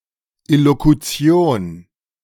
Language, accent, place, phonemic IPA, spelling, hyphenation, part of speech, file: German, Germany, Berlin, /ɪlokuˈt͡si̯on/, Illokution, Il‧lo‧ku‧ti‧on, noun, De-Illokution.ogg
- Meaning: illocution (the aim of a speaker in making an utterance as opposed to the meaning of the terms used)